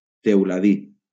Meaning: sparrow
- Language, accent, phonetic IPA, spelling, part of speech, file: Catalan, Valencia, [tew.laˈði], teuladí, noun, LL-Q7026 (cat)-teuladí.wav